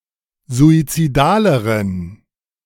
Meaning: inflection of suizidal: 1. strong genitive masculine/neuter singular comparative degree 2. weak/mixed genitive/dative all-gender singular comparative degree
- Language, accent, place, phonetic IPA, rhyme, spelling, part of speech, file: German, Germany, Berlin, [zuit͡siˈdaːləʁən], -aːləʁən, suizidaleren, adjective, De-suizidaleren.ogg